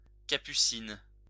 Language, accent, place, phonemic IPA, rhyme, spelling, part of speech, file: French, France, Lyon, /ka.py.sin/, -in, capucine, noun, LL-Q150 (fra)-capucine.wav
- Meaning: 1. capuchin nun 2. nasturtium